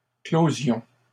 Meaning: first-person plural present subjunctive of clore
- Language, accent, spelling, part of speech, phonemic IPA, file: French, Canada, closions, verb, /klo.zjɔ̃/, LL-Q150 (fra)-closions.wav